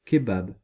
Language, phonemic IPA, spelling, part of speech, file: French, /ke.bab/, kebab, noun, Fr-kebab.ogg
- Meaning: kebab (dish of skewered meat and vegetables)